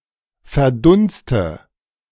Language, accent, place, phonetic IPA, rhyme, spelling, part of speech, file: German, Germany, Berlin, [fɛɐ̯ˈdʊnstə], -ʊnstə, verdunste, verb, De-verdunste.ogg
- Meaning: inflection of verdunsten: 1. first-person singular present 2. first/third-person singular subjunctive I 3. singular imperative